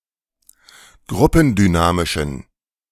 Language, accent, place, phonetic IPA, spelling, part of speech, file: German, Germany, Berlin, [ˈɡʁʊpn̩dyˌnaːmɪʃn̩], gruppendynamischen, adjective, De-gruppendynamischen.ogg
- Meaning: inflection of gruppendynamisch: 1. strong genitive masculine/neuter singular 2. weak/mixed genitive/dative all-gender singular 3. strong/weak/mixed accusative masculine singular